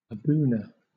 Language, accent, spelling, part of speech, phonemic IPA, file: English, Southern England, abuna, noun, /əˈbuːnə/, LL-Q1860 (eng)-abuna.wav
- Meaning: The Patriarch, or head of the Abyssinian Church